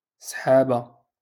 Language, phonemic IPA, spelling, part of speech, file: Moroccan Arabic, /sħaːba/, سحابة, noun, LL-Q56426 (ary)-سحابة.wav
- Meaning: singulative of سحاب (“clouds”): a cloud